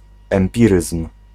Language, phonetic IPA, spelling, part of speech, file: Polish, [ɛ̃mˈpʲirɨsm̥], empiryzm, noun, Pl-empiryzm.ogg